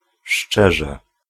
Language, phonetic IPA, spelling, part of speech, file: Polish, [ˈʃt͡ʃɛʒɛ], szczerze, adverb, Pl-szczerze.ogg